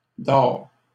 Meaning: third-person singular present indicative of dormir
- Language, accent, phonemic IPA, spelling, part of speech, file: French, Canada, /dɔʁ/, dort, verb, LL-Q150 (fra)-dort.wav